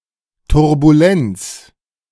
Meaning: turbulence
- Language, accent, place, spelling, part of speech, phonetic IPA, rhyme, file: German, Germany, Berlin, Turbulenz, noun, [tʊʁbuˈlɛnt͡s], -ɛnt͡s, De-Turbulenz.ogg